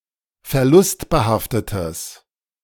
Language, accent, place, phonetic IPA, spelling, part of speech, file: German, Germany, Berlin, [fɛɐ̯ˈlʊstbəˌhaftətəs], verlustbehaftetes, adjective, De-verlustbehaftetes.ogg
- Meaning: strong/mixed nominative/accusative neuter singular of verlustbehaftet